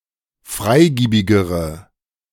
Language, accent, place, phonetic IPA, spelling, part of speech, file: German, Germany, Berlin, [ˈfʁaɪ̯ˌɡiːbɪɡəʁə], freigiebigere, adjective, De-freigiebigere.ogg
- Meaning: inflection of freigiebig: 1. strong/mixed nominative/accusative feminine singular comparative degree 2. strong nominative/accusative plural comparative degree